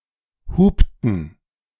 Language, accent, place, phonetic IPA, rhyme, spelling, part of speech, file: German, Germany, Berlin, [ˈhuːptn̩], -uːptn̩, hupten, verb, De-hupten.ogg
- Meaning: inflection of hupen: 1. first/third-person plural preterite 2. first/third-person plural subjunctive II